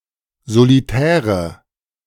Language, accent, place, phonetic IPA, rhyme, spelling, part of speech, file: German, Germany, Berlin, [zoliˈtɛːʁə], -ɛːʁə, solitäre, adjective, De-solitäre.ogg
- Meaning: inflection of solitär: 1. strong/mixed nominative/accusative feminine singular 2. strong nominative/accusative plural 3. weak nominative all-gender singular 4. weak accusative feminine/neuter singular